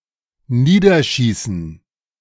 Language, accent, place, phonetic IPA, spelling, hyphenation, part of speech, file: German, Germany, Berlin, [ˈniːdɐˌʃiːsn̩], niederschießen, nie‧der‧schie‧ßen, verb, De-niederschießen.ogg
- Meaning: to shoot down